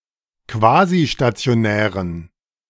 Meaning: inflection of quasistationär: 1. strong genitive masculine/neuter singular 2. weak/mixed genitive/dative all-gender singular 3. strong/weak/mixed accusative masculine singular 4. strong dative plural
- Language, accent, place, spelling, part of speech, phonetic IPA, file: German, Germany, Berlin, quasistationären, adjective, [ˈkvaːziʃtat͡si̯oˌnɛːʁən], De-quasistationären.ogg